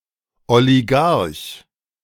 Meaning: oligarch
- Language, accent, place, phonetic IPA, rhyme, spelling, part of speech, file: German, Germany, Berlin, [oliˈɡaʁç], -aʁç, Oligarch, noun, De-Oligarch.ogg